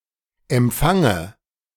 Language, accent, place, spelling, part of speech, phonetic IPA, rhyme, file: German, Germany, Berlin, Empfange, noun, [ɛmˈp͡faŋə], -aŋə, De-Empfange.ogg
- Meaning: dative singular of Empfang